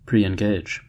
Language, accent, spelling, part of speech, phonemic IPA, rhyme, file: English, US, preengage, verb, /ˌpriː.ɪnˈɡeɪd͡ʒ/, -eɪdʒ, En-us-preengage.ogg
- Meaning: To engage previously